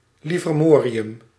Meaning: livermorium
- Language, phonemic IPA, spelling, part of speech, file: Dutch, /ˌlɪvərˈmoriˌjʏm/, livermorium, noun, Nl-livermorium.ogg